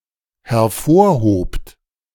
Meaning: second-person plural dependent preterite of hervorheben
- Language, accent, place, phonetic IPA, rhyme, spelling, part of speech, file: German, Germany, Berlin, [hɛɐ̯ˈfoːɐ̯ˌhoːpt], -oːɐ̯hoːpt, hervorhobt, verb, De-hervorhobt.ogg